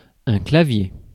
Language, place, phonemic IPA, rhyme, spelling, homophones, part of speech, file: French, Paris, /kla.vje/, -e, clavier, claviers, noun, Fr-clavier.ogg
- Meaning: 1. keyboard (of a computer) 2. keyboard (component of many musical instruments) 3. keyring 4. mouth, teeth